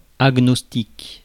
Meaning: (adjective) agnostic
- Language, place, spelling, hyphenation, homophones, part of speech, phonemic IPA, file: French, Paris, agnostique, ag‧nos‧tique, agnostiques, adjective / noun, /aɡ.nɔs.tik/, Fr-agnostique.ogg